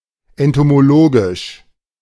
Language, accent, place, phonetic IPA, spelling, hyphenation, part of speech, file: German, Germany, Berlin, [ɛntomoˈloːɡɪʃ], entomologisch, en‧to‧mo‧lo‧gisch, adjective, De-entomologisch.ogg
- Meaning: entomological